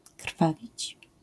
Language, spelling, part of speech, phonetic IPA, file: Polish, krwawić, verb, [ˈkr̥favʲit͡ɕ], LL-Q809 (pol)-krwawić.wav